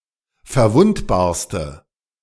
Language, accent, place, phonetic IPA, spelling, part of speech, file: German, Germany, Berlin, [fɛɐ̯ˈvʊntbaːɐ̯stə], verwundbarste, adjective, De-verwundbarste.ogg
- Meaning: inflection of verwundbar: 1. strong/mixed nominative/accusative feminine singular superlative degree 2. strong nominative/accusative plural superlative degree